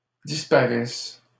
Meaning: second-person singular present subjunctive of disparaître
- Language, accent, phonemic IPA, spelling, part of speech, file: French, Canada, /dis.pa.ʁɛs/, disparaisses, verb, LL-Q150 (fra)-disparaisses.wav